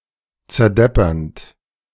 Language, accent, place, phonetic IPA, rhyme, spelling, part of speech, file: German, Germany, Berlin, [t͡sɛɐ̯ˈdɛpɐnt], -ɛpɐnt, zerdeppernd, verb, De-zerdeppernd.ogg
- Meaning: present participle of zerdeppern